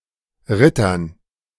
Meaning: dative plural of Ritter
- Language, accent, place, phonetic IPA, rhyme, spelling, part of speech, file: German, Germany, Berlin, [ˈʁɪtɐn], -ɪtɐn, Rittern, noun, De-Rittern.ogg